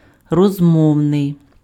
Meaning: 1. colloquial, informal 2. conversational 3. talkative
- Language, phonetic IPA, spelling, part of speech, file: Ukrainian, [rɔzˈmɔu̯nei̯], розмовний, adjective, Uk-розмовний.ogg